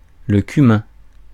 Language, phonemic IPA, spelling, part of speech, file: French, /ky.mɛ̃/, cumin, noun, Fr-cumin.ogg
- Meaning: 1. the plant cumin 2. Its seed, a spice